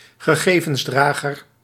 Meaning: medium for data storage
- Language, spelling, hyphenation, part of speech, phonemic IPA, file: Dutch, gegevensdrager, ge‧ge‧vens‧dra‧ger, noun, /ɣəˈɣeː.və(n)sˌdraː.ɣər/, Nl-gegevensdrager.ogg